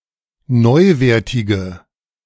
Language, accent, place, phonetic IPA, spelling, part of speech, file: German, Germany, Berlin, [ˈnɔɪ̯ˌveːɐ̯tɪɡə], neuwertige, adjective, De-neuwertige.ogg
- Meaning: inflection of neuwertig: 1. strong/mixed nominative/accusative feminine singular 2. strong nominative/accusative plural 3. weak nominative all-gender singular